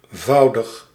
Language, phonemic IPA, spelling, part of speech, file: Dutch, /ˈvɑu̯dəx/, -voudig, suffix, Nl--voudig.ogg
- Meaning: -fold